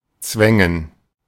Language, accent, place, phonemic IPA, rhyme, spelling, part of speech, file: German, Germany, Berlin, /ˈt͡svɛŋən/, -ɛŋən, zwängen, verb, De-zwängen.ogg
- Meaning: to force, to cram (something/somneone into or through a tight space)